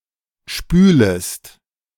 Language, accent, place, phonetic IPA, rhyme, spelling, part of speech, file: German, Germany, Berlin, [ˈʃpyːləst], -yːləst, spülest, verb, De-spülest.ogg
- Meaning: second-person singular subjunctive I of spülen